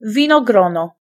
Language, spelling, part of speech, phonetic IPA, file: Polish, winogrono, noun, [ˌvʲĩnɔˈɡrɔ̃nɔ], Pl-winogrono.ogg